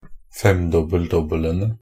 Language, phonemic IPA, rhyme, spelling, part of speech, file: Norwegian Bokmål, /ˈfɛmdɔbːəl.dɔbːələnə/, -ənə, femdobbel-dobbelene, noun, Nb-femdobbel-dobbelene.ogg
- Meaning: definite plural of femdobbel-dobbel